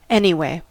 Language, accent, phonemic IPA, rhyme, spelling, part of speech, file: English, US, /ˈɛniweɪ/, -eɪ, anyway, adverb, En-us-anyway.ogg
- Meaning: 1. Regardless; anyhow 2. Used to indicate that a statement explains or supports a previous statement. See anyhow and at least 3. Used to indicate a change of subject